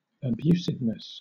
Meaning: The quality of being abusive; rudeness of language, or violence to the person
- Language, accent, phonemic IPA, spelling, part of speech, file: English, Southern England, /əˈbjuː.sɪv.nəs/, abusiveness, noun, LL-Q1860 (eng)-abusiveness.wav